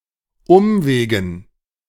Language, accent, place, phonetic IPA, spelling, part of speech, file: German, Germany, Berlin, [ˈʊmˌveːɡn̩], Umwegen, noun, De-Umwegen.ogg
- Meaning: dative plural of Umweg